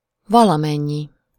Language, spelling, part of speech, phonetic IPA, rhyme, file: Hungarian, valamennyi, pronoun, [ˈvɒlɒmɛɲːi], -ɲi, Hu-valamennyi.ogg
- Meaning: 1. some (some amount/quantity or some individuals in the given class) 2. all (the total amount/quantity or every individual in the given class)